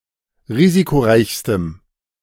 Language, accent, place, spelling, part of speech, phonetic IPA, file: German, Germany, Berlin, risikoreichstem, adjective, [ˈʁiːzikoˌʁaɪ̯çstəm], De-risikoreichstem.ogg
- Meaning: strong dative masculine/neuter singular superlative degree of risikoreich